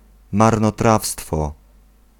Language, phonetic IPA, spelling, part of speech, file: Polish, [ˌmarnɔˈtrafstfɔ], marnotrawstwo, noun, Pl-marnotrawstwo.ogg